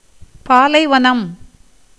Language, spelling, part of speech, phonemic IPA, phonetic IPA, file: Tamil, பாலைவனம், noun, /pɑːlɐɪ̯ʋɐnɐm/, [päːlɐɪ̯ʋɐnɐm], Ta-பாலைவனம்.ogg
- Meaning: desert